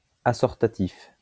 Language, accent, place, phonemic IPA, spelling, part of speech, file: French, France, Lyon, /a.sɔʁ.ta.tif/, assortatif, adjective, LL-Q150 (fra)-assortatif.wav
- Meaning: assortative